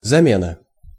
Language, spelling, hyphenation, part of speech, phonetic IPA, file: Russian, замена, за‧ме‧на, noun, [zɐˈmʲenə], Ru-замена.ogg
- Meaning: 1. replacement, substitution 2. substitute 3. commutation